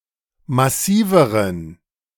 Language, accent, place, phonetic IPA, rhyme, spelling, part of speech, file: German, Germany, Berlin, [maˈsiːvəʁən], -iːvəʁən, massiveren, adjective, De-massiveren.ogg
- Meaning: inflection of massiv: 1. strong genitive masculine/neuter singular comparative degree 2. weak/mixed genitive/dative all-gender singular comparative degree